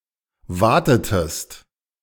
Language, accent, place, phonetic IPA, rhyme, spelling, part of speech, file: German, Germany, Berlin, [ˈvaːtətəst], -aːtətəst, watetest, verb, De-watetest.ogg
- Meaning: inflection of waten: 1. second-person singular preterite 2. second-person singular subjunctive II